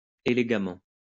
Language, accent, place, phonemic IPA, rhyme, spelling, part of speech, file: French, France, Lyon, /e.le.ɡa.mɑ̃/, -ɑ̃, élégamment, adverb, LL-Q150 (fra)-élégamment.wav
- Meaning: elegantly